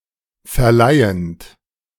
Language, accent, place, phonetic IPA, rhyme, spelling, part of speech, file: German, Germany, Berlin, [fɛɐ̯ˈlaɪ̯ənt], -aɪ̯ənt, verleihend, verb, De-verleihend.ogg
- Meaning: present participle of verleihen